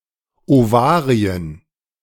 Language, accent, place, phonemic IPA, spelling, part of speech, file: German, Germany, Berlin, /ʔovaː ʁi̯ən/, Ovarien, noun, De-Ovarien.ogg
- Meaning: 1. nominative plural of Ovarium 2. genitive plural of Ovarium 3. dative plural of Ovarium 4. accusative plural of Ovarium